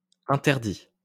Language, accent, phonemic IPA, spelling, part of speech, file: French, France, /ɛ̃.tɛʁ.di/, interdit, adjective / noun / verb, LL-Q150 (fra)-interdit.wav
- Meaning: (adjective) 1. forbidden, prohibited, off-limits 2. stupefied, at a loss; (noun) 1. something which is prohibited 2. an interdict; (verb) past participle of interdire